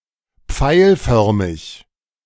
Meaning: sagittate (arrow-shaped)
- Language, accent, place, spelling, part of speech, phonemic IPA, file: German, Germany, Berlin, pfeilförmig, adjective, /ˈpfaɪ̯lˌfœʁmɪç/, De-pfeilförmig.ogg